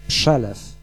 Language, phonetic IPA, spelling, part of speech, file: Polish, [ˈpʃɛlɛf], przelew, noun, Pl-przelew.ogg